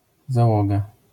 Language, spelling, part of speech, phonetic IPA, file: Polish, załoga, noun, [zaˈwɔɡa], LL-Q809 (pol)-załoga.wav